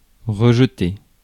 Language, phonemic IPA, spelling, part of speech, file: French, /ʁə.ʒ(ə).te/, rejeter, verb, Fr-rejeter.ogg
- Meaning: 1. to throw back (a fish, etc.) 2. to discharge, spew out 3. to reject (an appeal, a lover etc.); to refute (an accusation) 4. to position, place 5. to jump back, throw oneself back